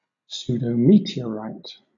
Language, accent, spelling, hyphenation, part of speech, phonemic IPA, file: English, Southern England, pseudometeorite, pseu‧do‧me‧te‧or‧ite, noun, /ˌs(j)uːdəʊˈmiːti.əɹaɪt/, LL-Q1860 (eng)-pseudometeorite.wav
- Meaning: A rock that is believed to be a meteorite, but is in fact terrestrial in origin